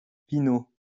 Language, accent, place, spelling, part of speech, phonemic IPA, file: French, France, Lyon, pineau, noun, /pi.no/, LL-Q150 (fra)-pineau.wav
- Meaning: pineau